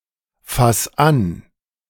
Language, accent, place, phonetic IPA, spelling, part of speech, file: German, Germany, Berlin, [ˌfas ˈan], fass an, verb, De-fass an.ogg
- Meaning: 1. singular imperative of anfassen 2. first-person singular present of anfassen